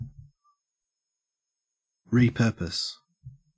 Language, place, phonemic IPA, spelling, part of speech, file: English, Queensland, /ɹiːˈpɜː.pəs/, repurpose, verb, En-au-repurpose.ogg
- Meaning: To reuse for a different purpose, on a long-term basis, with or without alteration